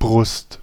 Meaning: 1. chest 2. breast (of a woman); side of the chest (of a man) 3. bosom (seat of thoughts and feelings) 4. clipping of Brustschwimmen
- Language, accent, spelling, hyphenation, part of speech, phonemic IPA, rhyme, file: German, Germany, Brust, Brust, noun, /bʁʊst/, -ʊst, De-Brust.ogg